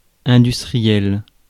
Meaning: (adjective) industrial; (noun) industrialist
- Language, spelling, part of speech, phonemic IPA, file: French, industriel, adjective / noun, /ɛ̃.dys.tʁi.jɛl/, Fr-industriel.ogg